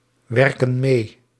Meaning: inflection of meewerken: 1. plural present indicative 2. plural present subjunctive
- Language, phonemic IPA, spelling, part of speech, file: Dutch, /ˈwɛrkə(n) ˈme/, werken mee, verb, Nl-werken mee.ogg